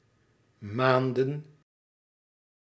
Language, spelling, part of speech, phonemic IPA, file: Dutch, maanden, noun / verb, /ˈmaːn.də(n)/, Nl-maanden.ogg
- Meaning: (noun) plural of maand; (verb) inflection of manen: 1. plural past indicative 2. plural past subjunctive